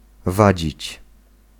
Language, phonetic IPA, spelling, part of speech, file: Polish, [ˈvad͡ʑit͡ɕ], wadzić, verb, Pl-wadzić.ogg